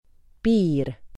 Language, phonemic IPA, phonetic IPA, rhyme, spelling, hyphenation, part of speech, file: Estonian, /ˈpiːr/, [ˈpiːr], -iːr, piir, piir, noun, Et-piir.ogg
- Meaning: border, boundary, frontier: 1. A conventional line and the area surrounding it, that separates territories, regions etc 2. A territory limited by borders